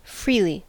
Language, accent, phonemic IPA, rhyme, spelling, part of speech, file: English, US, /ˈfɹili/, -iːli, freely, adjective / adverb, En-us-freely.ogg
- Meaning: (adjective) 1. Free; frank 2. Generous; noble; excellent; beautiful; lovely; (adverb) 1. In a free manner 2. Without interference or restriction 3. Of one's own free will